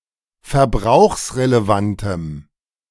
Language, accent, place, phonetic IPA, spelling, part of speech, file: German, Germany, Berlin, [fɛɐ̯ˈbʁaʊ̯xsʁeleˌvantəm], verbrauchsrelevantem, adjective, De-verbrauchsrelevantem.ogg
- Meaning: strong dative masculine/neuter singular of verbrauchsrelevant